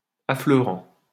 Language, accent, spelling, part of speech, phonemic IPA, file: French, France, affleurant, verb / adjective, /a.flœ.ʁɑ̃/, LL-Q150 (fra)-affleurant.wav
- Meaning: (verb) present participle of affleurer; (adjective) surfacing